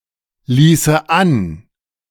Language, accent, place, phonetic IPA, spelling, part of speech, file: German, Germany, Berlin, [ˌliːsə ˈan], ließe an, verb, De-ließe an.ogg
- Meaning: first/third-person singular subjunctive II of anlassen